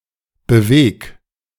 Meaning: 1. singular imperative of bewegen 2. first-person singular present of bewegen
- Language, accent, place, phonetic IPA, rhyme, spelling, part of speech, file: German, Germany, Berlin, [bəˈveːk], -eːk, beweg, verb, De-beweg.ogg